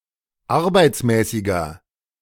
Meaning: inflection of arbeitsmäßig: 1. strong/mixed nominative masculine singular 2. strong genitive/dative feminine singular 3. strong genitive plural
- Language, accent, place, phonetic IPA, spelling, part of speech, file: German, Germany, Berlin, [ˈaʁbaɪ̯t͡smɛːsɪɡɐ], arbeitsmäßiger, adjective, De-arbeitsmäßiger.ogg